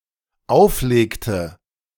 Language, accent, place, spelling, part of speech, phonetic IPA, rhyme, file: German, Germany, Berlin, auflegte, verb, [ˈaʊ̯fˌleːktə], -aʊ̯fleːktə, De-auflegte.ogg
- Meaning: inflection of auflegen: 1. first/third-person singular dependent preterite 2. first/third-person singular dependent subjunctive II